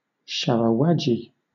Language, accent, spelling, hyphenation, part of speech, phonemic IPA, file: English, Southern England, sharawadgi, sha‧ra‧wad‧gi, noun, /ˌʃa.ɹəˈwa.dʒi/, LL-Q1860 (eng)-sharawadgi.wav
- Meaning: A style of landscape gardening or architecture in which rigid lines and symmetry are avoided in favour of an organic appearance